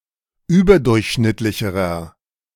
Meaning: inflection of überdurchschnittlich: 1. strong/mixed nominative masculine singular comparative degree 2. strong genitive/dative feminine singular comparative degree
- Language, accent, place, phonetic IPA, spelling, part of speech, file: German, Germany, Berlin, [ˈyːbɐˌdʊʁçʃnɪtlɪçəʁɐ], überdurchschnittlicherer, adjective, De-überdurchschnittlicherer.ogg